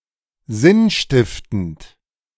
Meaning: 1. meaningful 2. sensible, reasonable
- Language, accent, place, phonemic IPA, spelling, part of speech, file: German, Germany, Berlin, /ˈzɪnˌʃtɪftənt/, sinnstiftend, adjective, De-sinnstiftend.ogg